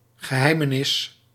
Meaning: 1. secret 2. mystery
- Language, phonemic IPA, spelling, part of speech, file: Dutch, /ɣəˈɦɛɪmənɪs/, geheimenis, noun, Nl-geheimenis.ogg